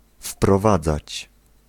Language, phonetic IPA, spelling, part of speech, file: Polish, [fprɔˈvad͡zat͡ɕ], wprowadzać, verb, Pl-wprowadzać.ogg